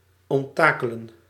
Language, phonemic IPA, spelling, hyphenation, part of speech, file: Dutch, /ˌɔntˈtaː.kə.lə(n)/, onttakelen, ont‧ta‧ke‧len, verb, Nl-onttakelen.ogg
- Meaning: to dismantle, to strip